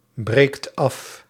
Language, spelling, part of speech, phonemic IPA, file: Dutch, breekt af, verb, /ˈbrekt ˈɑf/, Nl-breekt af.ogg
- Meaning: inflection of afbreken: 1. second/third-person singular present indicative 2. plural imperative